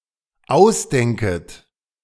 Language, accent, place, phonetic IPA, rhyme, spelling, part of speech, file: German, Germany, Berlin, [ˈaʊ̯sˌdɛŋkət], -aʊ̯sdɛŋkət, ausdenket, verb, De-ausdenket.ogg
- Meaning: second-person plural dependent subjunctive I of ausdenken